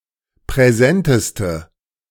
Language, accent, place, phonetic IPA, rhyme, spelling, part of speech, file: German, Germany, Berlin, [pʁɛˈzɛntəstə], -ɛntəstə, präsenteste, adjective, De-präsenteste.ogg
- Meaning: inflection of präsent: 1. strong/mixed nominative/accusative feminine singular superlative degree 2. strong nominative/accusative plural superlative degree